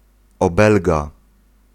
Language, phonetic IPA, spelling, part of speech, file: Polish, [ɔˈbɛlɡa], obelga, noun, Pl-obelga.ogg